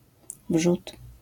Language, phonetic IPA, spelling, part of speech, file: Polish, [vʒut], wrzód, noun, LL-Q809 (pol)-wrzód.wav